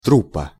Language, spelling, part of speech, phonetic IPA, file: Russian, труппа, noun, [ˈtrup(ː)ə], Ru-труппа.ogg
- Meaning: troupe (company of actors, etc.)